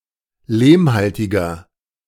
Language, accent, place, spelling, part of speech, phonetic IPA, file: German, Germany, Berlin, lehmhaltiger, adjective, [ˈleːmˌhaltɪɡɐ], De-lehmhaltiger.ogg
- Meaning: inflection of lehmhaltig: 1. strong/mixed nominative masculine singular 2. strong genitive/dative feminine singular 3. strong genitive plural